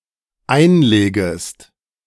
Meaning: second-person singular dependent subjunctive I of einlegen
- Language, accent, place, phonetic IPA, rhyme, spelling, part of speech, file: German, Germany, Berlin, [ˈaɪ̯nˌleːɡəst], -aɪ̯nleːɡəst, einlegest, verb, De-einlegest.ogg